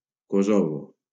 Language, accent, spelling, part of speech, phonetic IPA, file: Catalan, Valencia, Kosovo, proper noun, [ˈko.so.vo], LL-Q7026 (cat)-Kosovo.wav
- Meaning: Kosovo (a partly-recognized country on the Balkan Peninsula in Southeastern Europe)